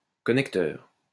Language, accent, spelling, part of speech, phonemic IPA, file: French, France, connecteur, noun, /kɔ.nɛk.tœʁ/, LL-Q150 (fra)-connecteur.wav
- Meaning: 1. connective 2. connector